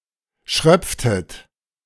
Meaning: inflection of schröpfen: 1. second-person plural preterite 2. second-person plural subjunctive II
- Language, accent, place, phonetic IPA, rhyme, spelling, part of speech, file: German, Germany, Berlin, [ˈʃʁœp͡ftət], -œp͡ftət, schröpftet, verb, De-schröpftet.ogg